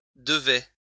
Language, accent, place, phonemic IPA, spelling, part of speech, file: French, France, Lyon, /də.vɛ/, devait, verb, LL-Q150 (fra)-devait.wav
- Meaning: third-person singular imperfect indicative of devoir